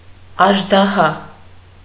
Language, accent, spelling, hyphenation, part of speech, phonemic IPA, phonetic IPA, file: Armenian, Eastern Armenian, աժդահա, աժ‧դա‧հա, noun / adjective, /ɑʒdɑˈhɑ/, [ɑʒdɑhɑ́], Hy-աժդահա.ogg
- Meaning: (noun) monstrous giant; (adjective) 1. giant, huge, gigantic, monstrous, gargantuan 2. Herculean, mighty, strapping, brawny